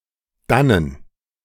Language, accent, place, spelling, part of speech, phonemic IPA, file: German, Germany, Berlin, dannen, adverb, /ˈdanən/, De-dannen.ogg
- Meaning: 1. there 2. from there, thence